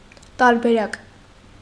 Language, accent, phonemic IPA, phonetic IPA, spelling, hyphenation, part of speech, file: Armenian, Eastern Armenian, /tɑɾbeˈɾɑk/, [tɑɾbeɾɑ́k], տարբերակ, տար‧բե‧րակ, noun, Hy-տարբերակ.ogg
- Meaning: variant, version, variety